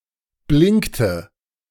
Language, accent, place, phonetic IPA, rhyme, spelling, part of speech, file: German, Germany, Berlin, [ˈblɪŋktə], -ɪŋktə, blinkte, verb, De-blinkte.ogg
- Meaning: inflection of blinken: 1. first/third-person singular preterite 2. first/third-person singular subjunctive II